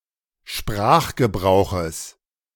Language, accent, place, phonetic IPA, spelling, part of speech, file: German, Germany, Berlin, [ˈʃpʁaːxɡəˌbʁaʊ̯xəs], Sprachgebrauches, noun, De-Sprachgebrauches.ogg
- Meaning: genitive singular of Sprachgebrauch